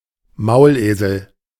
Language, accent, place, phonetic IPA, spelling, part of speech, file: German, Germany, Berlin, [ˈmaʊ̯lˌʔeːzl̩], Maulesel, noun, De-Maulesel.ogg
- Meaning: hinny (the hybrid offspring of a male horse and a female donkey)